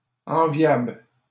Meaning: enviable
- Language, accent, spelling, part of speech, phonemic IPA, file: French, Canada, enviable, adjective, /ɑ̃.vjabl/, LL-Q150 (fra)-enviable.wav